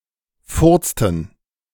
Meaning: inflection of furzen: 1. first/third-person plural preterite 2. first/third-person plural subjunctive II
- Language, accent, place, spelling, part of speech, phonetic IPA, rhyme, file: German, Germany, Berlin, furzten, verb, [ˈfʊʁt͡stn̩], -ʊʁt͡stn̩, De-furzten.ogg